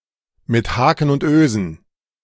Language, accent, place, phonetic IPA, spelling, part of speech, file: German, Germany, Berlin, [mɪt ˈhaːkn̩ ʊnt ˈøːzn̩], mit Haken und Ösen, prepositional phrase, De-mit Haken und Ösen.ogg
- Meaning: by hook or by crook